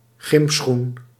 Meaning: athletic shoe, sneaker, runner
- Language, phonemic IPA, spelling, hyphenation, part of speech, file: Dutch, /ˈɣɪm.sxun/, gymschoen, gym‧schoen, noun, Nl-gymschoen.ogg